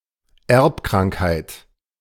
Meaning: congenital / hereditary disease
- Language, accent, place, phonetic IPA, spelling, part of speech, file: German, Germany, Berlin, [ˈɛʁpkʁaŋkhaɪ̯t], Erbkrankheit, noun, De-Erbkrankheit.ogg